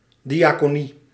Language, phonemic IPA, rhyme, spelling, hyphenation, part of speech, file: Dutch, /ˌdi.aː.koːˈni/, -i, diaconie, di‧a‧co‧nie, noun, Nl-diaconie.ogg
- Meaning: a legal person, usually a committee, responsible for the ecclesiastical administration of charity